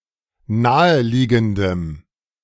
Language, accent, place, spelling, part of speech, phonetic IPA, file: German, Germany, Berlin, naheliegendem, adjective, [ˈnaːəˌliːɡn̩dəm], De-naheliegendem.ogg
- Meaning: strong dative masculine/neuter singular of naheliegend